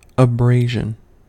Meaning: 1. The act of abrading, wearing, or rubbing off; the wearing away by friction 2. An act of abrasiveness 3. The substance thus rubbed off; debris
- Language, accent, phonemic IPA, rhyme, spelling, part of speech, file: English, US, /əˈbɹeɪ.ʒən/, -eɪʒən, abrasion, noun, En-us-abrasion.ogg